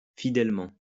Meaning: faithfully
- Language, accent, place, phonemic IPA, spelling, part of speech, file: French, France, Lyon, /fi.dɛl.mɑ̃/, fidèlement, adverb, LL-Q150 (fra)-fidèlement.wav